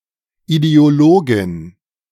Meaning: ideologist
- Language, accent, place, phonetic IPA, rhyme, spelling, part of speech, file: German, Germany, Berlin, [ideoˈloːɡɪn], -oːɡɪn, Ideologin, noun, De-Ideologin.ogg